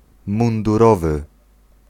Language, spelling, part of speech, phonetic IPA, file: Polish, mundurowy, adjective / noun, [ˌmũnduˈrɔvɨ], Pl-mundurowy.ogg